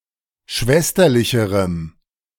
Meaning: strong dative masculine/neuter singular comparative degree of schwesterlich
- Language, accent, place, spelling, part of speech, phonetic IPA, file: German, Germany, Berlin, schwesterlicherem, adjective, [ˈʃvɛstɐlɪçəʁəm], De-schwesterlicherem.ogg